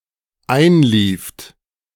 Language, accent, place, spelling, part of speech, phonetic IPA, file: German, Germany, Berlin, einlieft, verb, [ˈaɪ̯nˌliːft], De-einlieft.ogg
- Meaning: second-person plural dependent preterite of einlaufen